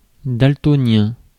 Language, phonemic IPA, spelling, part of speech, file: French, /dal.tɔ.njɛ̃/, daltonien, adjective, Fr-daltonien.ogg
- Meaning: color blind